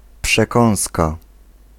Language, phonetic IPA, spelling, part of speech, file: Polish, [pʃɛˈkɔ̃w̃ska], przekąska, noun, Pl-przekąska.ogg